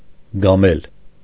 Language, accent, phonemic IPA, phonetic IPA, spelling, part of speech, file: Armenian, Eastern Armenian, /ɡɑˈmel/, [ɡɑmél], գամել, verb, Hy-գամել.ogg
- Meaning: 1. to nail down, rivet 2. to transfix